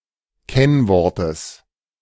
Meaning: genitive singular of Kennwort
- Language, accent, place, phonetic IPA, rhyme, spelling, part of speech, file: German, Germany, Berlin, [ˈkɛnˌvɔʁtəs], -ɛnvɔʁtəs, Kennwortes, noun, De-Kennwortes.ogg